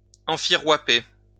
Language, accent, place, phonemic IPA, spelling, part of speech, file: French, France, Lyon, /ɑ̃.fi.ʁwa.pe/, enfirouaper, verb, LL-Q150 (fra)-enfirouaper.wav
- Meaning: to scam, swindle, or trick someone